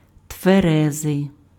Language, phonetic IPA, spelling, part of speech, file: Ukrainian, [tʋeˈrɛzei̯], тверезий, adjective, Uk-тверезий.ogg
- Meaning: sober